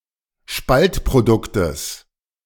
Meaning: genitive singular of Spaltprodukt
- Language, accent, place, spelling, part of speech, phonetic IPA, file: German, Germany, Berlin, Spaltproduktes, noun, [ˈʃpaltpʁoˌdʊktəs], De-Spaltproduktes.ogg